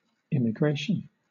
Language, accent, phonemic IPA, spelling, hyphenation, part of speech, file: English, Southern England, /ɪmɪˈɡɹeɪʃn/, immigration, im‧mi‧gra‧tion, noun, LL-Q1860 (eng)-immigration.wav
- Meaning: The act of immigrating; the passing or coming into a country of which one is not native born for the purpose of permanent residence